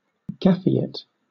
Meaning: A science fiction fan who has become inactive in the fandom community
- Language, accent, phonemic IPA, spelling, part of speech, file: English, Southern England, /ˈɡæfiˌɪt/, gafiate, noun, LL-Q1860 (eng)-gafiate.wav